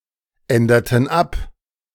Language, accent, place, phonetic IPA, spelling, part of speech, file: German, Germany, Berlin, [ˌɛndɐtn̩ ˈap], änderten ab, verb, De-änderten ab.ogg
- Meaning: inflection of abändern: 1. first/third-person plural preterite 2. first/third-person plural subjunctive II